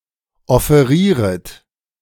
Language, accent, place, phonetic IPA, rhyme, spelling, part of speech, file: German, Germany, Berlin, [ɔfeˈʁiːʁət], -iːʁət, offerieret, verb, De-offerieret.ogg
- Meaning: second-person plural subjunctive I of offerieren